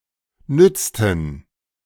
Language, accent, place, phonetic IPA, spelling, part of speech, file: German, Germany, Berlin, [ˈnʏtstən], nützten, verb, De-nützten.ogg
- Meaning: inflection of nützen: 1. first/third-person plural preterite 2. first/third-person plural subjunctive II